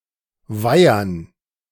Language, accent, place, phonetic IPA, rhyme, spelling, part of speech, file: German, Germany, Berlin, [ˈvaɪ̯ɐn], -aɪ̯ɐn, Weihern, noun, De-Weihern.ogg
- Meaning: dative plural of Weiher